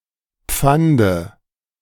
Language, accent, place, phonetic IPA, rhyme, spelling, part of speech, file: German, Germany, Berlin, [ˈp͡fandə], -andə, Pfande, noun, De-Pfande.ogg
- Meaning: dative of Pfand